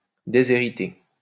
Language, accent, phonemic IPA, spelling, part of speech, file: French, France, /de.ze.ʁi.te/, déshéritée, adjective, LL-Q150 (fra)-déshéritée.wav
- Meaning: feminine singular of déshérité